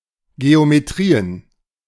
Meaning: plural of Geometrie
- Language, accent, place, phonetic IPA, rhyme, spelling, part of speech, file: German, Germany, Berlin, [ɡeomeˈtʁiːən], -iːən, Geometrien, noun, De-Geometrien.ogg